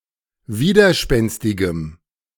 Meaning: strong dative masculine/neuter singular of widerspenstig
- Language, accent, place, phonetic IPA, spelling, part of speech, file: German, Germany, Berlin, [ˈviːdɐˌʃpɛnstɪɡəm], widerspenstigem, adjective, De-widerspenstigem.ogg